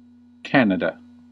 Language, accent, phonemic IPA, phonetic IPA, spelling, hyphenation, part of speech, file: English, General American, /ˈkænədə/, [kʰɛəɾ̃əɾə], Canada, Can‧a‧da, proper noun / noun, En-us-Canada.ogg
- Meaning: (proper noun) A country in North America. Capital: Ottawa. Largest city: Toronto